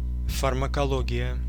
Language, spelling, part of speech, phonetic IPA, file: Russian, фармакология, noun, [fərməkɐˈɫoɡʲɪjə], Ru-фармакология.ogg
- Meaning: pharmacology (science that studies the effects of chemical compounds on living animals)